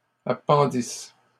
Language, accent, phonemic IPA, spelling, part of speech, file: French, Canada, /a.pɑ̃.dis/, appendisse, verb, LL-Q150 (fra)-appendisse.wav
- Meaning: first-person singular imperfect subjunctive of appendre